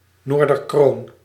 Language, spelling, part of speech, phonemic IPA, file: Dutch, Noorderkroon, noun, /ˌnordərˈkron/, Nl-Noorderkroon.ogg
- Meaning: Corona Borealis, the Northern Crown